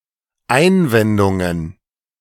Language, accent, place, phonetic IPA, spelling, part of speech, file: German, Germany, Berlin, [ˈaɪ̯nˌvɛndʊŋən], Einwendungen, noun, De-Einwendungen.ogg
- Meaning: plural of Einwendung